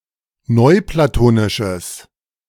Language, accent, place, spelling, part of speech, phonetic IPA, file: German, Germany, Berlin, neuplatonisches, adjective, [ˈnɔɪ̯plaˌtoːnɪʃəs], De-neuplatonisches.ogg
- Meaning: strong/mixed nominative/accusative neuter singular of neuplatonisch